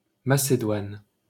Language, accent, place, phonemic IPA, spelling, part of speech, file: French, France, Paris, /ma.se.dwan/, Macédoine, proper noun, LL-Q150 (fra)-Macédoine.wav
- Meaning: Macedonia (a geographic region in Southeastern Europe in the Balkans, including North Macedonia and parts of Greece, Bulgaria, Albania and Serbia)